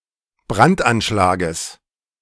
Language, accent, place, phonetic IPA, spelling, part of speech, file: German, Germany, Berlin, [ˈbʁantʔanˌʃlaːɡəs], Brandanschlages, noun, De-Brandanschlages.ogg
- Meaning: genitive of Brandanschlag